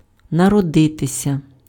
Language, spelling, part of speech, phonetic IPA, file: Ukrainian, народитися, verb, [nɐrɔˈdɪtesʲɐ], Uk-народитися.ogg
- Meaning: to be born